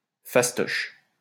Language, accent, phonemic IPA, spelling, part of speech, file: French, France, /fas.tɔʃ/, fastoche, adjective, LL-Q150 (fra)-fastoche.wav
- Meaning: easy; easy-peasy